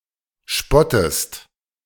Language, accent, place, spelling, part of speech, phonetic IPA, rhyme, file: German, Germany, Berlin, spottest, verb, [ˈʃpɔtəst], -ɔtəst, De-spottest.ogg
- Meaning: inflection of spotten: 1. second-person singular present 2. second-person singular subjunctive I